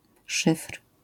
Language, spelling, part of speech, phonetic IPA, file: Polish, szyfr, noun, [ʃɨfr̥], LL-Q809 (pol)-szyfr.wav